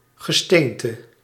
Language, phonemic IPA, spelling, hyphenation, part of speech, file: Dutch, /ɣəˈstentə/, gesteente, ge‧steen‧te, noun, Nl-gesteente.ogg
- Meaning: rock (aggregate of minerals)